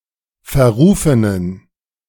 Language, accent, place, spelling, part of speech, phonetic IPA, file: German, Germany, Berlin, verrufenen, adjective, [fɛɐ̯ˈʁuːfənən], De-verrufenen.ogg
- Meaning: inflection of verrufen: 1. strong genitive masculine/neuter singular 2. weak/mixed genitive/dative all-gender singular 3. strong/weak/mixed accusative masculine singular 4. strong dative plural